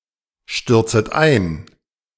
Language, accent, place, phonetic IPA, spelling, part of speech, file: German, Germany, Berlin, [ˌʃtʏʁt͡sət ˈaɪ̯n], stürzet ein, verb, De-stürzet ein.ogg
- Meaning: second-person plural subjunctive I of einstürzen